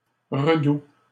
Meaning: 1. thaw (or milder spell after cold weather) 2. January thaw or midwinter thaw
- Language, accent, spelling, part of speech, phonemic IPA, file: French, Canada, redoux, noun, /ʁə.du/, LL-Q150 (fra)-redoux.wav